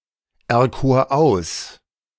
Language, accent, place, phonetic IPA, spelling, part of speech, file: German, Germany, Berlin, [ɛɐ̯ˌkoːɐ̯ ˈaʊ̯s], erkor aus, verb, De-erkor aus.ogg
- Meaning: first/third-person singular preterite of auserkiesen